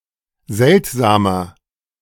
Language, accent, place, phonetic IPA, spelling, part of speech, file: German, Germany, Berlin, [ˈzɛltzaːmɐ], seltsamer, adjective, De-seltsamer.ogg
- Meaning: 1. comparative degree of seltsam 2. inflection of seltsam: strong/mixed nominative masculine singular 3. inflection of seltsam: strong genitive/dative feminine singular